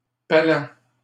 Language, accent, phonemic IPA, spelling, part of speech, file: French, Canada, /pa.lɑ̃/, palan, noun, LL-Q150 (fra)-palan.wav
- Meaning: hoist